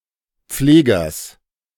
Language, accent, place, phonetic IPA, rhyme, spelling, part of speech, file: German, Germany, Berlin, [ˈp͡fleːɡɐs], -eːɡɐs, Pflegers, noun, De-Pflegers.ogg
- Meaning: genitive singular of Pfleger